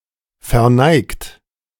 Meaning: 1. past participle of verneigen 2. inflection of verneigen: second-person plural present 3. inflection of verneigen: third-person singular present 4. inflection of verneigen: plural imperative
- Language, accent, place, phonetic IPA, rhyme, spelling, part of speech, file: German, Germany, Berlin, [fɛɐ̯ˈnaɪ̯kt], -aɪ̯kt, verneigt, verb, De-verneigt.ogg